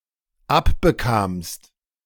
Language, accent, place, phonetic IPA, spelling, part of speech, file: German, Germany, Berlin, [ˈapbəˌkaːmst], abbekamst, verb, De-abbekamst.ogg
- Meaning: second-person singular dependent preterite of abbekommen